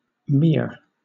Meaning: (noun) 1. A boundary 2. Obsolete form of mere (“lake”); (adjective) Obsolete form of mere; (noun) 1. Obsolete form of mayor 2. Obsolete form of mair
- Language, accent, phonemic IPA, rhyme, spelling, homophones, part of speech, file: English, Southern England, /ˈmɪə(ɹ)/, -ɪə(ɹ), meer, mere, noun / adjective, LL-Q1860 (eng)-meer.wav